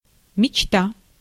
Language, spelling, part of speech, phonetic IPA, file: Russian, мечта, noun, [mʲɪt͡ɕˈta], Ru-мечта.ogg
- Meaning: 1. fantasy, daydream 2. dream (act or habit of imagining something, usually intensely but often unrealistically desired; something thus imagined)